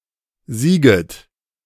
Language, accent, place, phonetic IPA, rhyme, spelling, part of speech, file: German, Germany, Berlin, [ˈziːɡət], -iːɡət, sieget, verb, De-sieget.ogg
- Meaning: second-person plural subjunctive I of siegen